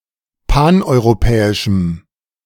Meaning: strong dative masculine/neuter singular of paneuropäisch
- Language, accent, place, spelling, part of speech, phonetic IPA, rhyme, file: German, Germany, Berlin, paneuropäischem, adjective, [ˌpanʔɔɪ̯ʁoˈpɛːɪʃm̩], -ɛːɪʃm̩, De-paneuropäischem.ogg